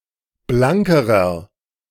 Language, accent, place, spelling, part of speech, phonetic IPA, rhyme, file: German, Germany, Berlin, blankerer, adjective, [ˈblaŋkəʁɐ], -aŋkəʁɐ, De-blankerer.ogg
- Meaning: inflection of blank: 1. strong/mixed nominative masculine singular comparative degree 2. strong genitive/dative feminine singular comparative degree 3. strong genitive plural comparative degree